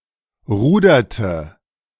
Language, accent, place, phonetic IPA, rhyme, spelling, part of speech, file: German, Germany, Berlin, [ˈʁuːdɐtə], -uːdɐtə, ruderte, verb, De-ruderte.ogg
- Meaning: inflection of rudern: 1. first/third-person singular preterite 2. first/third-person singular subjunctive II